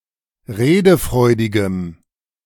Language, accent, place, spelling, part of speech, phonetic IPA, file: German, Germany, Berlin, redefreudigem, adjective, [ˈʁeːdəˌfʁɔɪ̯dɪɡəm], De-redefreudigem.ogg
- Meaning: strong dative masculine/neuter singular of redefreudig